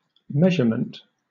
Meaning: 1. The act of measuring 2. Value (quantity, magnitude, extent or amount) determined by an act of measuring
- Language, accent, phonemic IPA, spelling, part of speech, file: English, Southern England, /ˈmɛʒ.ə.mənt/, measurement, noun, LL-Q1860 (eng)-measurement.wav